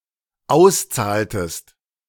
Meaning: inflection of auszahlen: 1. second-person singular dependent preterite 2. second-person singular dependent subjunctive II
- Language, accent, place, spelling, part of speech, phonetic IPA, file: German, Germany, Berlin, auszahltest, verb, [ˈaʊ̯sˌt͡saːltəst], De-auszahltest.ogg